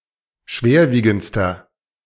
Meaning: inflection of schwerwiegend: 1. strong/mixed nominative masculine singular superlative degree 2. strong genitive/dative feminine singular superlative degree
- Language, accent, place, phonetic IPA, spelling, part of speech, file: German, Germany, Berlin, [ˈʃveːɐ̯ˌviːɡn̩t͡stɐ], schwerwiegendster, adjective, De-schwerwiegendster.ogg